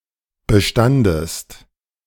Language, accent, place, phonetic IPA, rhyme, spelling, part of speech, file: German, Germany, Berlin, [bəˈʃtandəst], -andəst, bestandest, verb, De-bestandest.ogg
- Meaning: second-person singular preterite of bestehen